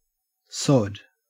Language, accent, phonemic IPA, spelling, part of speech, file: English, Australia, /sɔd/, sod, noun / verb / interjection / adjective, En-au-sod.ogg
- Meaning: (noun) 1. The stratum of the surface of the soil which is filled with the roots of grass, or any portion of that surface; turf; sward 2. Turf grown and cut specifically for the establishment of lawns